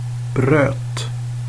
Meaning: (noun) definite singular of bröd; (verb) past indicative of bryta
- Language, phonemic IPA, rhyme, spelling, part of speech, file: Swedish, /brøːt/, -øːt, bröt, noun / verb, Sv-bröt.ogg